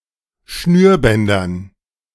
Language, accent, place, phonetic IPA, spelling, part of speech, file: German, Germany, Berlin, [ˈʃnyːɐ̯ˌbɛndɐn], Schnürbändern, noun, De-Schnürbändern.ogg
- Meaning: dative plural of Schnürband